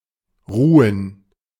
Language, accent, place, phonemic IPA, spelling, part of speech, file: German, Germany, Berlin, /ˈʁuːən/, ruhen, verb, De-ruhen.ogg
- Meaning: 1. to rest; to sleep 2. to be buried, to lie 3. to be positioned; to rest 4. to stall; to be suspended